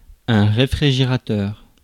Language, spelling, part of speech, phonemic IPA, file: French, réfrigérateur, noun, /ʁe.fʁi.ʒe.ʁa.tœʁ/, Fr-réfrigérateur.ogg
- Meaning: refrigerator